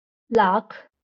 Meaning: one hundred thousand, lakh, lac
- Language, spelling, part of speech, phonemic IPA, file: Marathi, लाख, noun, /lakʰ/, LL-Q1571 (mar)-लाख.wav